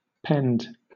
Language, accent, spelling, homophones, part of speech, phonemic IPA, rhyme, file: English, Southern England, pend, penned / pinned, verb / noun, /pɛnd/, -ɛnd, LL-Q1860 (eng)-pend.wav
- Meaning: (verb) 1. To hang down; to cause something to hang down 2. To arch over (something); to vault 3. To hang in reliance on; to depend (on or upon); to be contingent on